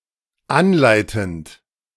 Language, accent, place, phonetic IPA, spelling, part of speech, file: German, Germany, Berlin, [ˈanˌlaɪ̯tn̩t], anleitend, verb, De-anleitend.ogg
- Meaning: present participle of anleiten